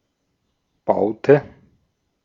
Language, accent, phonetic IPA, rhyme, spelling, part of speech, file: German, Austria, [ˈbaʊ̯tə], -aʊ̯tə, baute, verb, De-at-baute.ogg
- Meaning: inflection of bauen: 1. first/third-person singular preterite 2. first/third-person singular subjunctive II